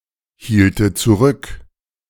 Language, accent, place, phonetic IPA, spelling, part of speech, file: German, Germany, Berlin, [ˌhiːltə t͡suˈʁʏk], hielte zurück, verb, De-hielte zurück.ogg
- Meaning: first/third-person singular subjunctive II of zurückhalten